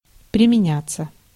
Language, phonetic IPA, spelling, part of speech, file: Russian, [prʲɪmʲɪˈnʲat͡sːə], применяться, verb, Ru-применяться.ogg
- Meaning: 1. to adapt oneself, to conform, to adjust 2. passive of применя́ть (primenjátʹ); to apply / to use